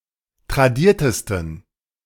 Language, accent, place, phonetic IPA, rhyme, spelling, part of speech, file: German, Germany, Berlin, [tʁaˈdiːɐ̯təstn̩], -iːɐ̯təstn̩, tradiertesten, adjective, De-tradiertesten.ogg
- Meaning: 1. superlative degree of tradiert 2. inflection of tradiert: strong genitive masculine/neuter singular superlative degree